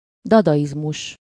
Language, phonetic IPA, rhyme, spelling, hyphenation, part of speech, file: Hungarian, [ˈdɒdɒjizmuʃ], -uʃ, dadaizmus, da‧da‧iz‧mus, noun, Hu-dadaizmus.ogg
- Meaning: dadaism